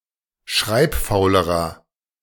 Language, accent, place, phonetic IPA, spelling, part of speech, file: German, Germany, Berlin, [ˈʃʁaɪ̯pˌfaʊ̯ləʁɐ], schreibfaulerer, adjective, De-schreibfaulerer.ogg
- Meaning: inflection of schreibfaul: 1. strong/mixed nominative masculine singular comparative degree 2. strong genitive/dative feminine singular comparative degree 3. strong genitive plural comparative degree